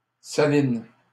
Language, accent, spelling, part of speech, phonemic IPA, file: French, Canada, saline, adjective, /sa.lin/, LL-Q150 (fra)-saline.wav
- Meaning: feminine singular of salin